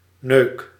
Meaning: inflection of neuken: 1. first-person singular present indicative 2. second-person singular present indicative 3. imperative
- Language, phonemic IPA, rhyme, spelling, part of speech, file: Dutch, /nøːk/, -øːk, neuk, verb, Nl-neuk.ogg